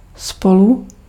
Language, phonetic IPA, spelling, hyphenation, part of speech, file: Czech, [ˈspolu], spolu, spo‧lu, adverb, Cs-spolu.ogg
- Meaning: together